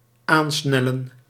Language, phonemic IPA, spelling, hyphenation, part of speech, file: Dutch, /ˈaːnˌsnɛ.lə(n)/, aansnellen, aan‧snel‧len, verb, Nl-aansnellen.ogg
- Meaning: to rush near